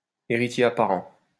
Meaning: heir apparent
- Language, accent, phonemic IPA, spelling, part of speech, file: French, France, /e.ʁi.tje a.pa.ʁɑ̃/, héritier apparent, noun, LL-Q150 (fra)-héritier apparent.wav